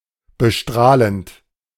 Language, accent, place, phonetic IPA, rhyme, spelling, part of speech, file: German, Germany, Berlin, [bəˈʃtʁaːlənt], -aːlənt, bestrahlend, verb, De-bestrahlend.ogg
- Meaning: present participle of bestrahlen